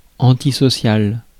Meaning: antisocial
- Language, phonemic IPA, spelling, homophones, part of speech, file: French, /ɑ̃.ti.sɔ.sjal/, antisocial, antisociale / antisociales, adjective, Fr-antisocial.ogg